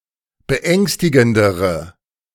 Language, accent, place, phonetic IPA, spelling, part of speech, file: German, Germany, Berlin, [bəˈʔɛŋstɪɡn̩dəʁə], beängstigendere, adjective, De-beängstigendere.ogg
- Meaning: inflection of beängstigend: 1. strong/mixed nominative/accusative feminine singular comparative degree 2. strong nominative/accusative plural comparative degree